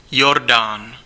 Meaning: Jordan (a river in West Asia in the Middle East, that empties into the Dead Sea, flowing through Israel, the Golan Heights, the West Bank and Jordan)
- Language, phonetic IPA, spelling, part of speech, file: Czech, [ˈjordaːn], Jordán, proper noun, Cs-Jordán.ogg